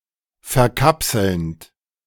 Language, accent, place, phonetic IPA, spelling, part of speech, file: German, Germany, Berlin, [fɛɐ̯ˈkapsl̩nt], verkapselnd, verb, De-verkapselnd.ogg
- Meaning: present participle of verkapseln